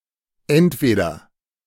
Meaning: either (only with oder)
- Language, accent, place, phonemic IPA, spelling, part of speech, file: German, Germany, Berlin, /ˈɛntveːdɐ/, entweder, conjunction, De-entweder.ogg